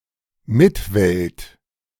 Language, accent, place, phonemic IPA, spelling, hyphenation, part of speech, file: German, Germany, Berlin, /ˈmɪtvɛlt/, Mitwelt, Mit‧welt, noun, De-Mitwelt.ogg
- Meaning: contemporary world